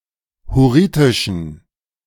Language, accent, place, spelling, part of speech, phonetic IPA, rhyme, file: German, Germany, Berlin, hurritischen, adjective, [hʊˈʁiːtɪʃn̩], -iːtɪʃn̩, De-hurritischen.ogg
- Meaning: inflection of hurritisch: 1. strong genitive masculine/neuter singular 2. weak/mixed genitive/dative all-gender singular 3. strong/weak/mixed accusative masculine singular 4. strong dative plural